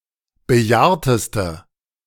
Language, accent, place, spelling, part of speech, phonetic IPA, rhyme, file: German, Germany, Berlin, bejahrteste, adjective, [bəˈjaːɐ̯təstə], -aːɐ̯təstə, De-bejahrteste.ogg
- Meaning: inflection of bejahrt: 1. strong/mixed nominative/accusative feminine singular superlative degree 2. strong nominative/accusative plural superlative degree